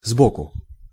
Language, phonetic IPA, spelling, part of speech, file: Russian, [ˈzbokʊ], сбоку, adverb, Ru-сбоку.ogg
- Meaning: 1. askance (sideways, obliquely) 2. from one side, on one side